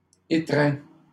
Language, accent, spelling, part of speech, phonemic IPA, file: French, Canada, étreints, verb, /e.tʁɛ̃/, LL-Q150 (fra)-étreints.wav
- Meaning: masculine plural of étreint